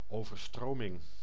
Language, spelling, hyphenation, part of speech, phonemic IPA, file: Dutch, overstroming, over‧stro‧ming, noun, /ˌoː.vərˈstroː.mɪŋ/, Nl-overstroming.ogg
- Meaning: a flood